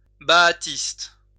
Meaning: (adjective) alternative form of baasiste
- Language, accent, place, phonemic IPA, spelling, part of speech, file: French, France, Lyon, /ba.a.tist/, baathiste, adjective / noun, LL-Q150 (fra)-baathiste.wav